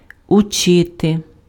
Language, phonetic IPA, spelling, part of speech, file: Ukrainian, [ʊˈt͡ʃɪte], учити, verb, Uk-учити.ogg
- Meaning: 1. to teach (with person in accusative case + noun in genitive case or + infinitive) 2. to learn